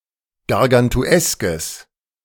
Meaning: strong/mixed nominative/accusative neuter singular of gargantuesk
- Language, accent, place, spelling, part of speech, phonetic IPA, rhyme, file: German, Germany, Berlin, gargantueskes, adjective, [ɡaʁɡantuˈɛskəs], -ɛskəs, De-gargantueskes.ogg